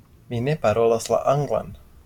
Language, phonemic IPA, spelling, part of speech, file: Esperanto, /mi ne paˈrolas la ˈanɡlan/, mi ne parolas la anglan, phrase, LL-Q143 (epo)-mi ne parolas la anglan.wav
- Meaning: I don't speak English